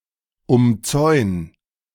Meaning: 1. singular imperative of umzäunen 2. first-person singular present of umzäunen
- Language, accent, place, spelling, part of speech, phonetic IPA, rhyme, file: German, Germany, Berlin, umzäun, verb, [ʊmˈt͡sɔɪ̯n], -ɔɪ̯n, De-umzäun.ogg